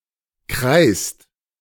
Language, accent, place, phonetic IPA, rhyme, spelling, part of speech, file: German, Germany, Berlin, [kʁaɪ̯st], -aɪ̯st, kreist, verb, De-kreist.ogg
- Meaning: inflection of kreisen: 1. second/third-person singular present 2. second-person plural present 3. plural imperative